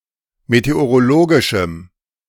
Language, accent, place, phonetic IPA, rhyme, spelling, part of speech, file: German, Germany, Berlin, [meteoʁoˈloːɡɪʃm̩], -oːɡɪʃm̩, meteorologischem, adjective, De-meteorologischem.ogg
- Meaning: strong dative masculine/neuter singular of meteorologisch